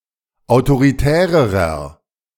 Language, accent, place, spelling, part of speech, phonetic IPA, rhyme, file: German, Germany, Berlin, autoritärerer, adjective, [aʊ̯toʁiˈtɛːʁəʁɐ], -ɛːʁəʁɐ, De-autoritärerer.ogg
- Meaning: inflection of autoritär: 1. strong/mixed nominative masculine singular comparative degree 2. strong genitive/dative feminine singular comparative degree 3. strong genitive plural comparative degree